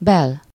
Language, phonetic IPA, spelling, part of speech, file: Hungarian, [ˈbɛl], bel-, prefix, Hu-bel.ogg
- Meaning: interior, internal, domestic